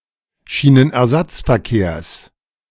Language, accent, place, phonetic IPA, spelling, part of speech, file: German, Germany, Berlin, [ˌʃiːnənʔɛɐ̯ˈzat͡sfɛɐ̯ˌkeːɐ̯s], Schienenersatzverkehrs, noun, De-Schienenersatzverkehrs.ogg
- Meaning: genitive of Schienenersatzverkehr